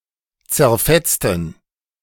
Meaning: inflection of zerfetzen: 1. first/third-person plural preterite 2. first/third-person plural subjunctive II
- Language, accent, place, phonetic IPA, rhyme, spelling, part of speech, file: German, Germany, Berlin, [t͡sɛɐ̯ˈfɛt͡stn̩], -ɛt͡stn̩, zerfetzten, adjective / verb, De-zerfetzten.ogg